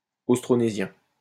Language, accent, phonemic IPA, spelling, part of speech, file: French, France, /os.tʁɔ.ne.zjɛ̃/, austronésien, adjective, LL-Q150 (fra)-austronésien.wav
- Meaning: Austronesian